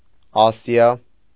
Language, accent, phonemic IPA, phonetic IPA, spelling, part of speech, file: Armenian, Eastern Armenian, /ˈɑsiɑ/, [ɑ́sjɑ], Ասիա, proper noun, Hy-Ասիա.ogg
- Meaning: Asia (the largest continent, located between Europe and the Pacific Ocean)